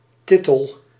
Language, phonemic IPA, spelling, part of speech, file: Dutch, /ˈtɪ.təl/, tittel, noun, Nl-tittel.ogg
- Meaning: 1. tittle, a small dot 2. tittle, a small detail